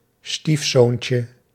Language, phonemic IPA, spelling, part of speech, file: Dutch, /ˈstifsoncə/, stiefzoontje, noun, Nl-stiefzoontje.ogg
- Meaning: diminutive of stiefzoon